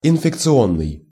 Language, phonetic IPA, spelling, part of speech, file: Russian, [ɪnfʲɪkt͡sɨˈonːɨj], инфекционный, adjective, Ru-инфекционный.ogg
- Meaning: infectious